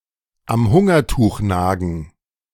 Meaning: to be poor and starving
- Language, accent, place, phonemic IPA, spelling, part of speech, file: German, Germany, Berlin, /am ˈhʊŋɐˌtuːx ˈnaːɡn̩/, am Hungertuch nagen, verb, De-am Hungertuch nagen.ogg